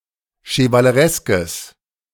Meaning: strong/mixed nominative/accusative neuter singular of chevaleresk
- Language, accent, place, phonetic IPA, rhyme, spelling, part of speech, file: German, Germany, Berlin, [ʃəvaləˈʁɛskəs], -ɛskəs, chevalereskes, adjective, De-chevalereskes.ogg